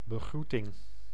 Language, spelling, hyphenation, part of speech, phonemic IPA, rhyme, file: Dutch, begroeting, be‧groe‧ting, noun, /bəˈɣrutɪŋ/, -utɪŋ, Nl-begroeting.ogg
- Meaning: greeting (acknowledgement of a person's presence or arrival)